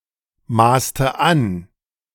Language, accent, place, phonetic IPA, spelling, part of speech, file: German, Germany, Berlin, [ˌmaːstə ˈan], maßte an, verb, De-maßte an.ogg
- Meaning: inflection of anmaßen: 1. first/third-person singular preterite 2. first/third-person singular subjunctive II